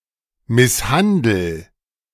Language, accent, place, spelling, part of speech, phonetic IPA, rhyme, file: German, Germany, Berlin, misshandel, verb, [ˌmɪsˈhandl̩], -andl̩, De-misshandel.ogg
- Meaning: inflection of misshandeln: 1. first-person singular present 2. singular imperative